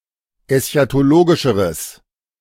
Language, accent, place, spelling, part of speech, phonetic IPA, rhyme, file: German, Germany, Berlin, eschatologischeres, adjective, [ɛsçatoˈloːɡɪʃəʁəs], -oːɡɪʃəʁəs, De-eschatologischeres.ogg
- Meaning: strong/mixed nominative/accusative neuter singular comparative degree of eschatologisch